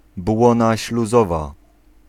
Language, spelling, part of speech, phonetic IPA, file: Polish, błona śluzowa, noun, [ˈbwɔ̃na ɕluˈzɔva], Pl-błona śluzowa.ogg